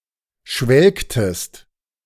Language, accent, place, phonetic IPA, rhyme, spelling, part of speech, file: German, Germany, Berlin, [ˈʃvɛlktəst], -ɛlktəst, schwelgtest, verb, De-schwelgtest.ogg
- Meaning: inflection of schwelgen: 1. second-person singular preterite 2. second-person singular subjunctive II